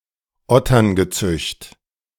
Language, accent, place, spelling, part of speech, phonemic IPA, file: German, Germany, Berlin, Otterngezücht, noun, /ˈɔtɐnɡəˌtsʏçt/, De-Otterngezücht.ogg
- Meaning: brood of vipers; generation of vipers; address used by Jesus for the Pharisees and Sadducees (three times in Matthew), and by John the Baptist for the unregenerate Jews (Luke 3:7)